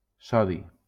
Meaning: sodium
- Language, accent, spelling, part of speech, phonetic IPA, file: Catalan, Valencia, sodi, noun, [ˈsɔ.ði], LL-Q7026 (cat)-sodi.wav